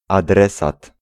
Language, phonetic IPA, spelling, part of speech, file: Polish, [aˈdrɛsat], adresat, noun, Pl-adresat.ogg